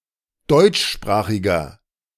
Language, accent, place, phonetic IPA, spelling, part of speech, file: German, Germany, Berlin, [ˈdɔɪ̯t͡ʃˌʃpʁaːxɪɡɐ], deutschsprachiger, adjective, De-deutschsprachiger.ogg
- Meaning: inflection of deutschsprachig: 1. strong/mixed nominative masculine singular 2. strong genitive/dative feminine singular 3. strong genitive plural